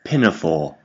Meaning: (noun) A sleeveless dress, often similar to an apron, generally worn over other clothes, and most often worn by young girls as an overdress; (verb) To dress in a pinafore
- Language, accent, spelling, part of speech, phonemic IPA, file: English, UK, pinafore, noun / verb, /ˈpɪ.nəˌfɔ(ɹ)/, En-uk-pinafore.ogg